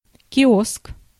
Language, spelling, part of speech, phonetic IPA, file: Russian, киоск, noun, [kʲɪˈosk], Ru-киоск.ogg
- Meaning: kiosk, stall, booth